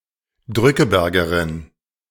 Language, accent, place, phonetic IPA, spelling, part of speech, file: German, Germany, Berlin, [ˈdʁʏkəˌbɛʁɡəʁɪn], Drückebergerin, noun, De-Drückebergerin.ogg
- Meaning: shirk